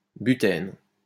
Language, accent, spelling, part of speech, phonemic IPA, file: French, France, butène, noun, /by.tɛn/, LL-Q150 (fra)-butène.wav
- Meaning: butene